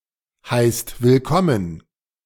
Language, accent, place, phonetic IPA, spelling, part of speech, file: German, Germany, Berlin, [ˌhaɪ̯st vɪlˈkɔmən], heißt willkommen, verb, De-heißt willkommen.ogg
- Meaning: inflection of willkommen heißen: 1. second-person plural present 2. plural imperative